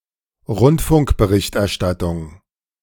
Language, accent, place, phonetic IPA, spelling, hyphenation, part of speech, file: German, Germany, Berlin, [ˈʁʊntfʊŋkbəˌʁɪçtʔɛɐ̯ˌʃtatʊŋ], Rundfunkberichterstattung, Rund‧funk‧be‧richt‧er‧stat‧tung, noun, De-Rundfunkberichterstattung.ogg
- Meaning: broadcast journalism